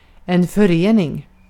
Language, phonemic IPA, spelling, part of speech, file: Swedish, /fœrˈeːnɪŋ/, förening, noun, Sv-förening.ogg
- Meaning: 1. an association (usually on a more local level) 2. a compound 3. a union (of things)